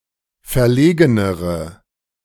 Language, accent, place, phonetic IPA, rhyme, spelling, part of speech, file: German, Germany, Berlin, [fɛɐ̯ˈleːɡənəʁə], -eːɡənəʁə, verlegenere, adjective, De-verlegenere.ogg
- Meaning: inflection of verlegen: 1. strong/mixed nominative/accusative feminine singular comparative degree 2. strong nominative/accusative plural comparative degree